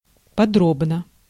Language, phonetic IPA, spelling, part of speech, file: Russian, [pɐˈdrobnə], подробно, adverb / adjective, Ru-подробно.ogg
- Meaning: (adverb) in detail; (adjective) short neuter singular of подро́бный (podróbnyj)